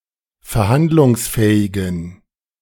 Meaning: inflection of verhandlungsfähig: 1. strong genitive masculine/neuter singular 2. weak/mixed genitive/dative all-gender singular 3. strong/weak/mixed accusative masculine singular
- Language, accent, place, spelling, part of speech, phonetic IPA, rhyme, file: German, Germany, Berlin, verhandlungsfähigen, adjective, [fɛɐ̯ˈhandlʊŋsˌfɛːɪɡn̩], -andlʊŋsfɛːɪɡn̩, De-verhandlungsfähigen.ogg